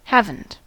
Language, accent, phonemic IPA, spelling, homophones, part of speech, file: English, US, /ˈhæv.n̩t/, haven't, Havant, verb, En-us-haven't.ogg
- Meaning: have not (negative form of have)